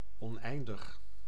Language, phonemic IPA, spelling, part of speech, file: Dutch, /ɔnˈɛindəx/, oneindig, adjective / numeral, Nl-oneindig.ogg
- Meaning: infinite, boundless, endless, unlimited